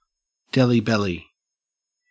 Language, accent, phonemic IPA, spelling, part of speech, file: English, Australia, /dɛli bɛli/, Delhi belly, noun, En-au-Delhi belly.ogg
- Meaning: Digestive illness or diarrhea, especially if suffered by a visitor to India